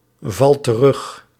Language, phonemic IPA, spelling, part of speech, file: Dutch, /ˈvɑlt t(ə)ˈrʏx/, valt terug, verb, Nl-valt terug.ogg
- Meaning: inflection of terugvallen: 1. second/third-person singular present indicative 2. plural imperative